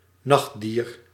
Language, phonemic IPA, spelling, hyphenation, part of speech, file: Dutch, /ˈnɑx(t).diːr/, nachtdier, nacht‧dier, noun, Nl-nachtdier.ogg
- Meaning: a nocturnal animal